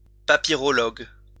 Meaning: papyrologist
- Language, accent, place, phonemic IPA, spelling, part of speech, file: French, France, Lyon, /pa.pi.ʁɔ.lɔɡ/, papyrologue, noun, LL-Q150 (fra)-papyrologue.wav